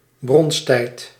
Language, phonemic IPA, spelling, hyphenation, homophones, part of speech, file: Dutch, /ˈbrɔns.tɛi̯t/, bronsttijd, bronst‧tijd, bronstijd, noun, Nl-bronsttijd.ogg
- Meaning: mating season, rutting season